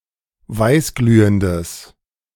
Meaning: strong/mixed nominative/accusative neuter singular of weißglühend
- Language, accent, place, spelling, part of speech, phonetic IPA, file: German, Germany, Berlin, weißglühendes, adjective, [ˈvaɪ̯sˌɡlyːəndəs], De-weißglühendes.ogg